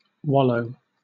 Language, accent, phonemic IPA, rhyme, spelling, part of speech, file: English, Southern England, /ˈwɒ.ləʊ/, -ɒləʊ, wallow, verb / noun / adjective, LL-Q1860 (eng)-wallow.wav
- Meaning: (verb) 1. To roll oneself about in something dirty, for example in mud 2. To move lazily or heavily in any medium 3. To immerse oneself in, to occupy oneself with, metaphorically